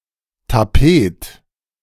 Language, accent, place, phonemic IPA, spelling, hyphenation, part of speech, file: German, Germany, Berlin, /taˈpeːt/, Tapet, Ta‧pet, noun, De-Tapet.ogg
- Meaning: cover of a conference table